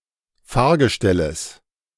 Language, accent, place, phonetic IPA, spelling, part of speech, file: German, Germany, Berlin, [ˈfaːɐ̯ɡəˌʃtɛləs], Fahrgestelles, noun, De-Fahrgestelles.ogg
- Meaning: genitive singular of Fahrgestell